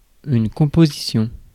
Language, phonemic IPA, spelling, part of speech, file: French, /kɔ̃.po.zi.sjɔ̃/, composition, noun, Fr-composition.ogg
- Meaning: 1. composition, makeup 2. essay 3. composition, work of art 4. composition, compounding, formation of compound words 5. composition, typesetting 6. lineup 7. composition